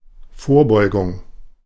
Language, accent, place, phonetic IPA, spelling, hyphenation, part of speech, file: German, Germany, Berlin, [ˈfoːɐ̯ˌbɔɪ̯ɡʊŋ], Vorbeugung, Vor‧beu‧gung, noun, De-Vorbeugung.ogg
- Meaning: 1. prevention 2. prophylaxis